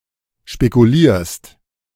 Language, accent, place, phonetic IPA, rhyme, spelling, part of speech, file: German, Germany, Berlin, [ʃpekuˈliːɐ̯st], -iːɐ̯st, spekulierst, verb, De-spekulierst.ogg
- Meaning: second-person singular present of spekulieren